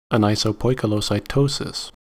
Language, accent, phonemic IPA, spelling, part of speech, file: English, US, /əˌnaɪ.soʊˌpɔɪ.kə.loʊ.saɪˈtoʊ.sɪs/, anisopoikilocytosis, noun, En-us-anisopoikilocytosis.ogg
- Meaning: The presence of RBCs of varying size and shape